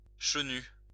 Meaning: 1. hoary, snow-capped 2. grey-haired, grey-headed 3. elderly
- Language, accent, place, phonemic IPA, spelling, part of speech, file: French, France, Lyon, /ʃə.ny/, chenu, adjective, LL-Q150 (fra)-chenu.wav